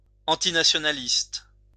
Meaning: antinationalist
- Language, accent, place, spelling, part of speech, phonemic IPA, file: French, France, Lyon, antinationaliste, adjective, /ɑ̃.ti.na.sjɔ.na.list/, LL-Q150 (fra)-antinationaliste.wav